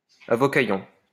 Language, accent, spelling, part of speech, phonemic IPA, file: French, France, avocaillon, noun, /a.vɔ.ka.jɔ̃/, LL-Q150 (fra)-avocaillon.wav
- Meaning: a useless lawyer